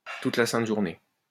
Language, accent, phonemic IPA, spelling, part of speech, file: French, France, /tut la sɛ̃t ʒuʁ.ne/, toute la sainte journée, adverb, LL-Q150 (fra)-toute la sainte journée.wav
- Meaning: all day long, all the livelong day